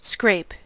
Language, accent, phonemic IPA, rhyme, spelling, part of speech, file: English, US, /skɹeɪp/, -eɪp, scrape, verb / noun, En-us-scrape.ogg
- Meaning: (verb) 1. To draw (an object, especially a sharp or angular one), along (something) while exerting pressure 2. To remove (something) by drawing an object along in this manner